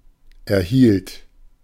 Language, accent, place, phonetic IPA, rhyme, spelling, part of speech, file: German, Germany, Berlin, [ɛɐ̯ˈhiːlt], -iːlt, erhielt, verb, De-erhielt.ogg
- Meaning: first/third-person singular preterite of erhalten